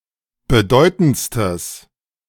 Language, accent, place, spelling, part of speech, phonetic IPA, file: German, Germany, Berlin, bedeutendstes, adjective, [bəˈdɔɪ̯tn̩t͡stəs], De-bedeutendstes.ogg
- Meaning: strong/mixed nominative/accusative neuter singular superlative degree of bedeutend